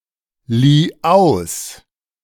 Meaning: first/third-person singular preterite of ausleihen
- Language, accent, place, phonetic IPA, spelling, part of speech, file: German, Germany, Berlin, [ˌliː ˈaʊ̯s], lieh aus, verb, De-lieh aus.ogg